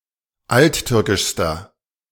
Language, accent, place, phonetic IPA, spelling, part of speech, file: German, Germany, Berlin, [ˈaltˌtʏʁkɪʃstɐ], alttürkischster, adjective, De-alttürkischster.ogg
- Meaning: inflection of alttürkisch: 1. strong/mixed nominative masculine singular superlative degree 2. strong genitive/dative feminine singular superlative degree 3. strong genitive plural superlative degree